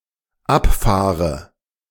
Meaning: inflection of abfahren: 1. first-person singular dependent present 2. first/third-person singular dependent subjunctive I
- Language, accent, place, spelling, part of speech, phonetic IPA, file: German, Germany, Berlin, abfahre, verb, [ˈapˌfaːʁə], De-abfahre.ogg